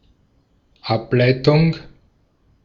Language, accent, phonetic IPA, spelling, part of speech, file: German, Austria, [ˈapˌlaɪ̯tʊŋ], Ableitung, noun, De-at-Ableitung.ogg
- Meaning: 1. derivative (something derived) 2. derivation 3. derivative